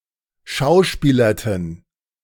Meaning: inflection of schauspielern: 1. first/third-person plural preterite 2. first/third-person plural subjunctive II
- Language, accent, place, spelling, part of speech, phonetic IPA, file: German, Germany, Berlin, schauspielerten, verb, [ˈʃaʊ̯ˌʃpiːlɐtn̩], De-schauspielerten.ogg